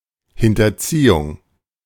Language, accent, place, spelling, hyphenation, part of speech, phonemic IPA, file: German, Germany, Berlin, Hinterziehung, Hin‧ter‧zie‧hung, noun, /ˌhɪntɐˈt͡siːʊŋ/, De-Hinterziehung.ogg
- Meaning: evasion